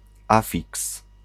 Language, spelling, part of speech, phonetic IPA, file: Polish, afiks, noun, [ˈafʲiks], Pl-afiks.ogg